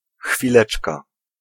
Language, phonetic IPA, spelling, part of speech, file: Polish, [xfʲiˈlɛt͡ʃka], chwileczka, noun, Pl-chwileczka.ogg